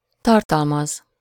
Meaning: to contain, hold, comprise
- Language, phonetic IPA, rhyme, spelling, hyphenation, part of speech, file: Hungarian, [ˈtɒrtɒlmɒz], -ɒz, tartalmaz, tar‧tal‧maz, verb, Hu-tartalmaz.ogg